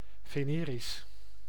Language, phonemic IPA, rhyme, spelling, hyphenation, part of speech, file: Dutch, /ˌveːˈneː.ris/, -eːris, venerisch, ve‧ne‧risch, adjective, Nl-venerisch.ogg
- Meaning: 1. venereal, sexually transmitted 2. venereal, pertaining to sexual union